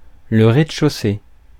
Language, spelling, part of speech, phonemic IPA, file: French, rez-de-chaussée, noun, /ʁe.d(ə).ʃo.se/, Fr-rez-de-chaussée.ogg
- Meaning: ground floor